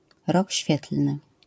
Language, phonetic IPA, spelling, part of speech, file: Polish, [ˈrɔc ˈɕfʲjɛtl̥nɨ], rok świetlny, noun, LL-Q809 (pol)-rok świetlny.wav